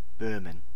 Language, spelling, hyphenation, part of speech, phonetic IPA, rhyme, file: German, Böhmen, Böh‧men, proper noun / noun, [ˈbøːmən], -øːmən, De-Böhmen.ogg
- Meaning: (proper noun) Bohemia (a cultural region in the west of the former Czechoslovakia and present-day Czech Republic); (noun) inflection of Böhme: genitive/dative/accusative singular